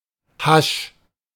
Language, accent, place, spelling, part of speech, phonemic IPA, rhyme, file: German, Germany, Berlin, Hasch, noun, /haʃ/, -aʃ, De-Hasch.ogg
- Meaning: clipping of Haschisch (“hash, hashish”)